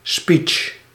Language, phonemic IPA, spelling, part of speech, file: Dutch, /spitʃ/, speech, noun, Nl-speech.ogg
- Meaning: speech, oration (oral monologic address of some length)